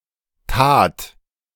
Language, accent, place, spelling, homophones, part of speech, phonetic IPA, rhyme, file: German, Germany, Berlin, tat, Tat, verb, [taːt], -aːt, De-tat.ogg
- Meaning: first/third-person singular preterite of tun